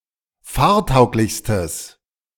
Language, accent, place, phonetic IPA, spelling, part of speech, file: German, Germany, Berlin, [ˈfaːɐ̯ˌtaʊ̯klɪçstəs], fahrtauglichstes, adjective, De-fahrtauglichstes.ogg
- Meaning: strong/mixed nominative/accusative neuter singular superlative degree of fahrtauglich